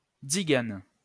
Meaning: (adjective) plural of tzigane
- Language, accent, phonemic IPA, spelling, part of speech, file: French, France, /tsi.ɡan/, tziganes, adjective / noun, LL-Q150 (fra)-tziganes.wav